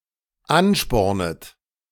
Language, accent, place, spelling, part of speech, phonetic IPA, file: German, Germany, Berlin, anspornet, verb, [ˈanˌʃpɔʁnət], De-anspornet.ogg
- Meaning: second-person plural dependent subjunctive I of anspornen